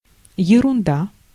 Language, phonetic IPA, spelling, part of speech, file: Russian, [(j)ɪrʊnˈda], ерунда, noun, Ru-ерунда.ogg
- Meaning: 1. nonsense, rubbish 2. trifle